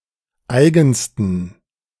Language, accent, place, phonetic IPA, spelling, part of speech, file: German, Germany, Berlin, [ˈaɪ̯ɡn̩stən], eigensten, adjective, De-eigensten.ogg
- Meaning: superlative degree of eigen